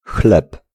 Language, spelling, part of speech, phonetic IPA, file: Polish, chleb, noun, [xlɛp], Pl-chleb.ogg